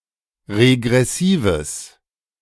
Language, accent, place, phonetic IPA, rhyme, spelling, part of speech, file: German, Germany, Berlin, [ʁeɡʁɛˈsiːvəs], -iːvəs, regressives, adjective, De-regressives.ogg
- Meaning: strong/mixed nominative/accusative neuter singular of regressiv